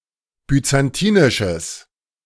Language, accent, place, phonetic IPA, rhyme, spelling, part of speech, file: German, Germany, Berlin, [byt͡sanˈtiːnɪʃəs], -iːnɪʃəs, byzantinisches, adjective, De-byzantinisches.ogg
- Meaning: strong/mixed nominative/accusative neuter singular of byzantinisch